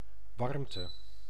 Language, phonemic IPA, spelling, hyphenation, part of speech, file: Dutch, /ˈʋɑrm.tə/, warmte, warm‧te, noun, Nl-warmte.ogg
- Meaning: 1. physical warmth, thermal energy, from moderate to heat 2. warmth, pronounced feeling, especially sympathetic emotion